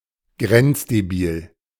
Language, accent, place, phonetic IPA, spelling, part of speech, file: German, Germany, Berlin, [ˈɡʁɛnt͡sdeˌbiːl], grenzdebil, adjective, De-grenzdebil.ogg
- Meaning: stupid (somewhat retarded)